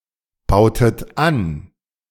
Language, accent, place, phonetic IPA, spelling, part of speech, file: German, Germany, Berlin, [ˌbaʊ̯tət ˈan], bautet an, verb, De-bautet an.ogg
- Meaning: inflection of anbauen: 1. second-person plural preterite 2. second-person plural subjunctive II